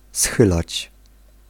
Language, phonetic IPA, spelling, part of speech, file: Polish, [ˈsxɨlat͡ɕ], schylać, verb, Pl-schylać.ogg